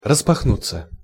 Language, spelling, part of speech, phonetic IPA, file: Russian, распахнуться, verb, [rəspɐxˈnut͡sːə], Ru-распахнуться.ogg
- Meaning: 1. to fly/swing/sweep open 2. to throw open one's coat 3. passive of распахну́ть (raspaxnútʹ)